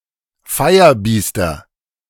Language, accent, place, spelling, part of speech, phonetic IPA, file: German, Germany, Berlin, Feierbiester, noun, [ˈfaɪ̯ɐˌbiːstɐ], De-Feierbiester.ogg
- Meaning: nominative/accusative/genitive plural of Feierbiest